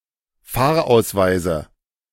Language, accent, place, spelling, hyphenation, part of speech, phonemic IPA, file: German, Germany, Berlin, Fahrausweise, Fahr‧aus‧wei‧se, noun, /ˈfaːɐ̯ˌaʊ̯svaɪzə/, De-Fahrausweise.ogg
- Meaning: 1. dative singular of Fahrausweis 2. nominative genitive accusative plural of Fahrausweis